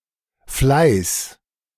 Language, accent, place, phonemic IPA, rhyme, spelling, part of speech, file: German, Germany, Berlin, /flaɪ̯s/, -aɪ̯s, Fleiß, noun, De-Fleiß.ogg
- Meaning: diligence, industriousness, assiduity, assiduousness, effort, hard work